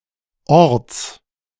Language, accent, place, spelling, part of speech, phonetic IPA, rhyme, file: German, Germany, Berlin, Orts, noun, [ɔʁt͡s], -ɔʁt͡s, De-Orts.ogg
- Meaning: genitive singular of Ort